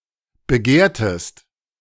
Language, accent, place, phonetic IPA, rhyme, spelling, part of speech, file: German, Germany, Berlin, [bəˈɡeːɐ̯təst], -eːɐ̯təst, begehrtest, verb, De-begehrtest.ogg
- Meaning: inflection of begehren: 1. second-person singular preterite 2. second-person singular subjunctive II